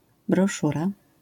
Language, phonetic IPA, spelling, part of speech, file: Polish, [brɔˈʃura], broszura, noun, LL-Q809 (pol)-broszura.wav